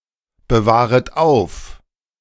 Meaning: second-person plural subjunctive I of aufbewahren
- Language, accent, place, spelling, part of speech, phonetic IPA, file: German, Germany, Berlin, bewahret auf, verb, [bəˌvaːʁət ˈaʊ̯f], De-bewahret auf.ogg